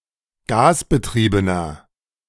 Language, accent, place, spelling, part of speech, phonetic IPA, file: German, Germany, Berlin, gasbetriebener, adjective, [ˈɡaːsbəˌtʁiːbənɐ], De-gasbetriebener.ogg
- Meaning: inflection of gasbetrieben: 1. strong/mixed nominative masculine singular 2. strong genitive/dative feminine singular 3. strong genitive plural